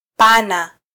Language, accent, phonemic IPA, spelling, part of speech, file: Swahili, Kenya, /ˈpɑ.nɑ/, pana, adjective / verb, Sw-ke-pana.flac
- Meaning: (adjective) wide; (verb) pa locative class subject inflected present affirmative of -wa na: 1. Locative (class 16) of kuwa na 2. there is/are